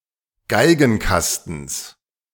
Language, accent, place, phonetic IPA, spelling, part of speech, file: German, Germany, Berlin, [ˈɡaɪ̯ɡn̩ˌkastn̩s], Geigenkastens, noun, De-Geigenkastens.ogg
- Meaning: genitive singular of Geigenkasten